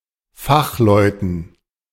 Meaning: dative plural of Fachmann
- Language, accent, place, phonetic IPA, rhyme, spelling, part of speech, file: German, Germany, Berlin, [ˈfaxˌlɔɪ̯tn̩], -axlɔɪ̯tn̩, Fachleuten, noun, De-Fachleuten.ogg